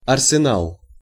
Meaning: arsenal
- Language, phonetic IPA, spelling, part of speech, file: Russian, [ɐrsʲɪˈnaɫ], арсенал, noun, Ru-арсенал.ogg